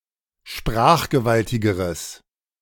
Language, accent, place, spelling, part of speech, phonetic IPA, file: German, Germany, Berlin, sprachgewaltigeres, adjective, [ˈʃpʁaːxɡəˌvaltɪɡəʁəs], De-sprachgewaltigeres.ogg
- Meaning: strong/mixed nominative/accusative neuter singular comparative degree of sprachgewaltig